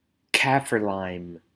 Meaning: Any member of the species Citrus hystrix of fragrant, small limes native to Southeast Asia, the leaves of which are used in cooking for their citrus flavor
- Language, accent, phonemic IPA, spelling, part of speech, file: English, US, /ˈkæfəɹˌlaɪm/, kaffir lime, noun, En-us-kaffir lime.ogg